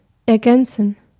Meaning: 1. to fill, fill out, complete 2. to complement, to supplement, to add
- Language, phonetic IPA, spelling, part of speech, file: German, [ɛɐ̯ˈɡɛntsən], ergänzen, verb, De-ergänzen.ogg